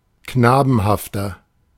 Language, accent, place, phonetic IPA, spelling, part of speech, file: German, Germany, Berlin, [ˈknaːbn̩haftɐ], knabenhafter, adjective, De-knabenhafter.ogg
- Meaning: 1. comparative degree of knabenhaft 2. inflection of knabenhaft: strong/mixed nominative masculine singular 3. inflection of knabenhaft: strong genitive/dative feminine singular